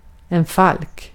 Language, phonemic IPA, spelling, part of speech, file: Swedish, /falk/, falk, noun, Sv-falk.ogg
- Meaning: falcon (bird of the genus Falco)